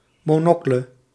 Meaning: monocle
- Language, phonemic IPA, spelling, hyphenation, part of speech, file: Dutch, /ˌmoːˈnɔ.klə/, monocle, mo‧no‧cle, noun, Nl-monocle.ogg